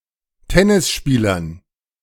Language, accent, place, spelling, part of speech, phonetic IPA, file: German, Germany, Berlin, Tennisspielern, noun, [ˈtɛnɪsˌʃpiːlɐn], De-Tennisspielern.ogg
- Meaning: dative plural of Tennisspieler